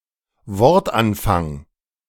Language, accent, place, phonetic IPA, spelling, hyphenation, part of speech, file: German, Germany, Berlin, [ˈvɔʁtˌʔanfaŋ], Wortanfang, Wort‧an‧fang, noun, De-Wortanfang.ogg
- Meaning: the first linguistic element in a word